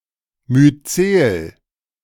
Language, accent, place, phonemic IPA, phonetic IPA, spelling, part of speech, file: German, Germany, Berlin, /myːt͡seːl/, [myːt͡seːl], Myzel, noun, De-Myzel.ogg
- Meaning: mycelium